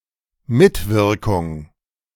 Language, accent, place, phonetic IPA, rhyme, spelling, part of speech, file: German, Germany, Berlin, [ˈmɪtvɪʁkʊŋ], -ɪʁkʊŋ, Mitwirkung, noun, De-Mitwirkung.ogg
- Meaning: 1. participation, involvement, the quality of being involved 2. cooperation